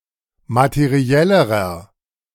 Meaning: inflection of materiell: 1. strong/mixed nominative masculine singular comparative degree 2. strong genitive/dative feminine singular comparative degree 3. strong genitive plural comparative degree
- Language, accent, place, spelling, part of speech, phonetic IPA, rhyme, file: German, Germany, Berlin, materiellerer, adjective, [matəˈʁi̯ɛləʁɐ], -ɛləʁɐ, De-materiellerer.ogg